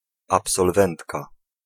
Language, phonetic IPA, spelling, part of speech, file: Polish, [ˌapsɔlˈvɛ̃ntka], absolwentka, noun, Pl-absolwentka.ogg